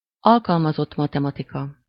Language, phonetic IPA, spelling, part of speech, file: Hungarian, [ˈɒlkɒlmɒzotː ˌmɒtɛmɒtikɒ], alkalmazott matematika, noun, Hu-alkalmazott matematika.ogg
- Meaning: applied mathematics (area of mathematics)